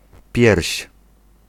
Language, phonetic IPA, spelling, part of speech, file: Polish, [pʲjɛrʲɕ], pierś, noun, Pl-pierś.ogg